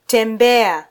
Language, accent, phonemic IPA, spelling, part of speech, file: Swahili, Kenya, /tɛˈᵐbɛ.ɑ/, tembea, verb, Sw-ke-tembea.flac
- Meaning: 1. to walk, ambulate 2. to philander